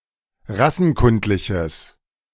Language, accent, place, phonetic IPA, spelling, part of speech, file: German, Germany, Berlin, [ˈʁasn̩ˌkʊntlɪçəs], rassenkundliches, adjective, De-rassenkundliches.ogg
- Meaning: strong/mixed nominative/accusative neuter singular of rassenkundlich